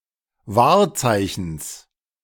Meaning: genitive of Wahrzeichen
- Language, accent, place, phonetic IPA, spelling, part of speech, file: German, Germany, Berlin, [ˈvaːɐ̯ˌt͡saɪ̯çn̩s], Wahrzeichens, noun, De-Wahrzeichens.ogg